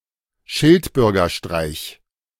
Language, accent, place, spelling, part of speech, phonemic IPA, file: German, Germany, Berlin, Schildbürgerstreich, noun, /ˈʃɪltbʏʁɡɐˌʃtʁaɪ̯ç/, De-Schildbürgerstreich.ogg
- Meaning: folly; foolish act